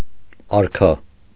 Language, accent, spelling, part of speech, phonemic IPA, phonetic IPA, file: Armenian, Eastern Armenian, արքա, noun, /ɑɾˈkʰɑ/, [ɑɾkʰɑ́], Hy-արքա.ogg
- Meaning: 1. king, monarch 2. king